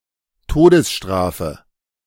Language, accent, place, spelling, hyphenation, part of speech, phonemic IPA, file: German, Germany, Berlin, Todesstrafe, To‧des‧stra‧fe, noun, /ˈtoːdəsˌʃtʁaːfə/, De-Todesstrafe.ogg
- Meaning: capital punishment, death penalty